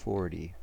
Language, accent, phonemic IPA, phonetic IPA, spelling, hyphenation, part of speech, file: English, US, /ˈfoɹti/, [ˈfoɹɾi], forty, for‧ty, numeral / noun / adjective, En-us-forty.ogg
- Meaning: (numeral) The cardinal number occurring after thirty-nine and before forty-one, represented in Roman numerals as XL and in Arabic numerals as 40